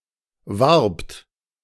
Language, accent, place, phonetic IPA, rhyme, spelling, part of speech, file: German, Germany, Berlin, [vaʁpt], -aʁpt, warbt, verb, De-warbt.ogg
- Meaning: second-person plural preterite of werben